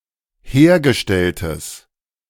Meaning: strong/mixed nominative/accusative neuter singular of hergestellt
- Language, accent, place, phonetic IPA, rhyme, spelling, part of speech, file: German, Germany, Berlin, [ˈheːɐ̯ɡəˌʃtɛltəs], -eːɐ̯ɡəʃtɛltəs, hergestelltes, adjective, De-hergestelltes.ogg